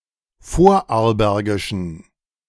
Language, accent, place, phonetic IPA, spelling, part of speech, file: German, Germany, Berlin, [ˈfoːɐ̯ʔaʁlˌbɛʁɡɪʃn̩], vorarlbergischen, adjective, De-vorarlbergischen.ogg
- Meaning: inflection of vorarlbergisch: 1. strong genitive masculine/neuter singular 2. weak/mixed genitive/dative all-gender singular 3. strong/weak/mixed accusative masculine singular 4. strong dative plural